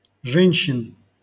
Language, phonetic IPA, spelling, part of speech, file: Russian, [ˈʐɛnʲɕːɪn], женщин, noun, LL-Q7737 (rus)-женщин.wav
- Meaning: genitive/accusative plural of же́нщина (žénščina)